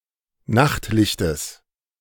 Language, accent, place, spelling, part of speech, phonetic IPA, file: German, Germany, Berlin, Nachtlichtes, noun, [ˈnaxtˌlɪçtəs], De-Nachtlichtes.ogg
- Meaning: genitive singular of Nachtlicht